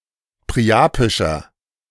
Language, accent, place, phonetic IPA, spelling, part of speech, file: German, Germany, Berlin, [pʁiˈʔaːpɪʃɐ], priapischer, adjective, De-priapischer.ogg
- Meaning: inflection of priapisch: 1. strong/mixed nominative masculine singular 2. strong genitive/dative feminine singular 3. strong genitive plural